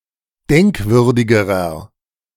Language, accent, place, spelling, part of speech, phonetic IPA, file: German, Germany, Berlin, denkwürdigerer, adjective, [ˈdɛŋkˌvʏʁdɪɡəʁɐ], De-denkwürdigerer.ogg
- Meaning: inflection of denkwürdig: 1. strong/mixed nominative masculine singular comparative degree 2. strong genitive/dative feminine singular comparative degree 3. strong genitive plural comparative degree